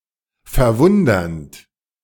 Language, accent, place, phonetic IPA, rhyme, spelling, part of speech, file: German, Germany, Berlin, [fɛɐ̯ˈvʊndɐnt], -ʊndɐnt, verwundernd, verb, De-verwundernd.ogg
- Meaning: present participle of verwundern